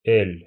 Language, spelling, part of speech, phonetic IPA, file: Russian, эль, noun, [ɛlʲ], Ru-эль.ogg
- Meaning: 1. ale (English beer) 2. The Cyrillic letter Л, л 3. The Roman letter L, l